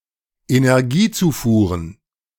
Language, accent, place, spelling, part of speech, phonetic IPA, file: German, Germany, Berlin, Energiezufuhren, noun, [enɛʁˈɡiːˌt͡suːfuːʁən], De-Energiezufuhren.ogg
- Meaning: plural of Energiezufuhr